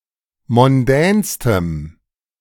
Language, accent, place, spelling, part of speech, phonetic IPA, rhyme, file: German, Germany, Berlin, mondänstem, adjective, [mɔnˈdɛːnstəm], -ɛːnstəm, De-mondänstem.ogg
- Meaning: strong dative masculine/neuter singular superlative degree of mondän